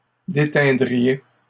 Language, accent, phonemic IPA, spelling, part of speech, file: French, Canada, /de.tɛ̃.dʁi.je/, déteindriez, verb, LL-Q150 (fra)-déteindriez.wav
- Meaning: second-person plural conditional of déteindre